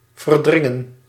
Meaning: 1. to push aside or away 2. to repress
- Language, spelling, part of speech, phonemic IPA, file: Dutch, verdringen, verb, /vərˈdrɪŋə(n)/, Nl-verdringen.ogg